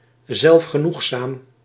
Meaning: 1. self-sufficient, autarkic 2. self-satisfied, smug, complacent (quality of being overly pleased with oneself and one's actions)
- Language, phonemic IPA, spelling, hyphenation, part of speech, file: Dutch, /ˌzɛlf.xəˈnux.saːm/, zelfgenoegzaam, zelf‧ge‧noeg‧zaam, adjective, Nl-zelfgenoegzaam.ogg